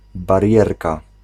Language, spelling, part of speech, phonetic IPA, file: Polish, barierka, noun, [barʲˈjɛrka], Pl-barierka.ogg